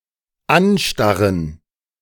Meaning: to stare at
- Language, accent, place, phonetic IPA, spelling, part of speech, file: German, Germany, Berlin, [ˈanˌʃtaʁən], anstarren, verb, De-anstarren.ogg